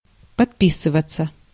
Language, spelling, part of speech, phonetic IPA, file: Russian, подписываться, verb, [pɐtˈpʲisɨvət͡sə], Ru-подписываться.ogg
- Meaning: 1. to sign, to put one's name on 2. to subscribe, to take out a subscription 3. to follow on social media 4. passive of подпи́сывать (podpísyvatʹ)